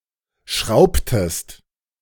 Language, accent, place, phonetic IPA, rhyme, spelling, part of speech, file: German, Germany, Berlin, [ˈʃʁaʊ̯ptəst], -aʊ̯ptəst, schraubtest, verb, De-schraubtest.ogg
- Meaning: inflection of schrauben: 1. second-person singular preterite 2. second-person singular subjunctive II